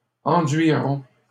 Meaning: first-person plural simple future of enduire
- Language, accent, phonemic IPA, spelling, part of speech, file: French, Canada, /ɑ̃.dɥi.ʁɔ̃/, enduirons, verb, LL-Q150 (fra)-enduirons.wav